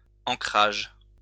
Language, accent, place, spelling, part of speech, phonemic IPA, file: French, France, Lyon, ancrage, noun, /ɑ̃.kʁaʒ/, LL-Q150 (fra)-ancrage.wav
- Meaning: 1. anchoring (dropping the anchor) 2. anchorage (haven)